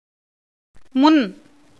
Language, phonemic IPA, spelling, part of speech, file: Tamil, /mʊn/, முன், noun / postposition / adjective, Ta-முன்.ogg
- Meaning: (noun) 1. anteriority 2. antiquity 3. eminence 4. that which is first or chief; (postposition) 1. before 2. previous, prior 3. in front of, opposite; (adjective) 1. front 2. opposite